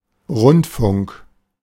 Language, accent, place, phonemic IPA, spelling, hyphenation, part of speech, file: German, Germany, Berlin, /ˈʁʊntfʊŋk/, Rundfunk, Rund‧funk, noun, De-Rundfunk.ogg
- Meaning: 1. broadcasting (The business or profession of radio and television.) 2. radio (technical means)